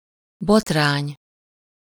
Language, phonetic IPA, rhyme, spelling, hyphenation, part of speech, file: Hungarian, [ˈbotraːɲ], -aːɲ, botrány, bot‧rány, noun, Hu-botrány.ogg
- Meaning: scandal (incident that brings disgrace)